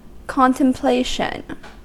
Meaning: 1. The act of contemplating; being highly concentrated in thought; musing 2. Holy meditation 3. The act of looking forward to a future event 4. The state of being considered or planned
- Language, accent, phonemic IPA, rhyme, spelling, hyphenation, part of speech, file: English, US, /ˌkɑntəmˈpleɪʃən/, -eɪʃən, contemplation, con‧tem‧pla‧tion, noun, En-us-contemplation.ogg